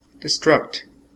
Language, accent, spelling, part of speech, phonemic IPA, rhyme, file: English, US, destruct, verb, /dɪˈstɹʌkt/, -ʌkt, En-us-destruct.ogg
- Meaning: 1. To intentionally cause the destruction of 2. To invoke the destructor of 3. To self-destruct